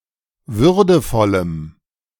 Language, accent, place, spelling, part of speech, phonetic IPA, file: German, Germany, Berlin, würdevollem, adjective, [ˈvʏʁdəfɔləm], De-würdevollem.ogg
- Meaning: strong dative masculine/neuter singular of würdevoll